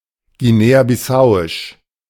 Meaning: of Guinea-Bissau
- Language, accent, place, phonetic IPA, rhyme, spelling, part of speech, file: German, Germany, Berlin, [ɡiˌneːaːbɪˈsaʊ̯ɪʃ], -aʊ̯ɪʃ, guinea-bissauisch, adjective, De-guinea-bissauisch.ogg